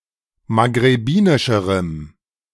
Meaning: strong dative masculine/neuter singular comparative degree of maghrebinisch
- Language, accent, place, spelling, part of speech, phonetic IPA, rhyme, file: German, Germany, Berlin, maghrebinischerem, adjective, [maɡʁeˈbiːnɪʃəʁəm], -iːnɪʃəʁəm, De-maghrebinischerem.ogg